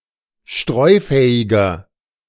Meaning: 1. comparative degree of streufähig 2. inflection of streufähig: strong/mixed nominative masculine singular 3. inflection of streufähig: strong genitive/dative feminine singular
- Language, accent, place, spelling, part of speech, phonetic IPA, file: German, Germany, Berlin, streufähiger, adjective, [ˈʃtʁɔɪ̯ˌfɛːɪɡɐ], De-streufähiger.ogg